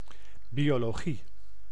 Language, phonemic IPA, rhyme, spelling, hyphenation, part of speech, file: Dutch, /ˌbi.oː.loːˈɣi/, -i, biologie, bio‧lo‧gie, noun, Nl-biologie.ogg
- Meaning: biology (science of living matter)